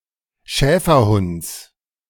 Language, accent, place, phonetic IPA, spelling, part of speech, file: German, Germany, Berlin, [ˈʃɛːfɐˌhʊnt͡s], Schäferhunds, noun, De-Schäferhunds.ogg
- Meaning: genitive singular of Schäferhund